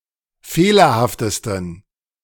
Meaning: 1. superlative degree of fehlerhaft 2. inflection of fehlerhaft: strong genitive masculine/neuter singular superlative degree
- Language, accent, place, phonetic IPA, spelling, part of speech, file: German, Germany, Berlin, [ˈfeːlɐhaftəstn̩], fehlerhaftesten, adjective, De-fehlerhaftesten.ogg